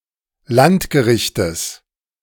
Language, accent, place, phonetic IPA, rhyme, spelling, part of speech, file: German, Germany, Berlin, [ˈlantɡəˌʁɪçtəs], -antɡəʁɪçtəs, Landgerichtes, noun, De-Landgerichtes.ogg
- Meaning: genitive singular of Landgericht